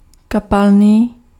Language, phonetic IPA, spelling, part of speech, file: Czech, [ˈkapalniː], kapalný, adjective, Cs-kapalný.ogg
- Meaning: liquid (flowing freely like water; fluid; not solid and not gaseous)